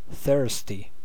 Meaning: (adjective) 1. Needing to drink water or any liquid that can supply water 2. Craving alcohol; especially, experiencing some alcohol withdrawal 3. Causing thirst; giving one a need to drink
- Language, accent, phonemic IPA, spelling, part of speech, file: English, US, /ˈθɝs.ti/, thirsty, adjective / noun, En-us-thirsty.ogg